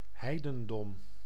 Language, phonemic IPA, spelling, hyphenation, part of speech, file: Dutch, /ˈɦɛi̯.də(n)ˌdɔm/, heidendom, hei‧den‧dom, noun, Nl-heidendom.ogg
- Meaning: 1. paganism, heathendom (polytheistic religious tradition) 2. heathendom, heathenry, heresy (any faith, view or community proscribed by a given religion)